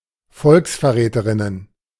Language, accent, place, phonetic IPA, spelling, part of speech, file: German, Germany, Berlin, [ˈfɔlksfɛɐ̯ˌʁɛːtəʁɪnən], Volksverräterinnen, noun, De-Volksverräterinnen.ogg
- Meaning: plural of Volksverräterin